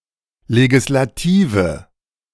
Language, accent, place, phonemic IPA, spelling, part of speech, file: German, Germany, Berlin, /leɡɪslaˈtiːvə/, Legislative, noun, De-Legislative.ogg
- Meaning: legislature